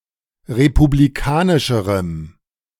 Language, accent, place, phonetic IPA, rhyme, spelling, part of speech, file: German, Germany, Berlin, [ʁepubliˈkaːnɪʃəʁəm], -aːnɪʃəʁəm, republikanischerem, adjective, De-republikanischerem.ogg
- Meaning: strong dative masculine/neuter singular comparative degree of republikanisch